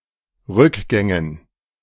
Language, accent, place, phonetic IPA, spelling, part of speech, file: German, Germany, Berlin, [ˈʁʏkˌɡɛŋən], Rückgängen, noun, De-Rückgängen.ogg
- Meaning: dative plural of Rückgang